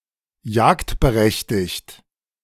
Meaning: allowed to hunt
- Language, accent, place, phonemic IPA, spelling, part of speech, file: German, Germany, Berlin, /ˈjaːktbəˌʁɛçtɪçt/, jagdberechtigt, adjective, De-jagdberechtigt.ogg